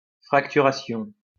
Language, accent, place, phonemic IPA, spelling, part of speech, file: French, France, Lyon, /fʁak.ty.ʁa.sjɔ̃/, fracturation, noun, LL-Q150 (fra)-fracturation.wav
- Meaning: breaking, fracturing